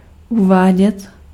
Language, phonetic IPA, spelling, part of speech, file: Czech, [ˈuvaːɟɛt], uvádět, verb, Cs-uvádět.ogg
- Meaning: imperfective form of uvést